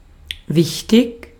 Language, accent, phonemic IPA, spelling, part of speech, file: German, Austria, /ˈvɪçtɪk/, wichtig, adjective, De-at-wichtig.ogg
- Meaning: important, relevant, significant, weighty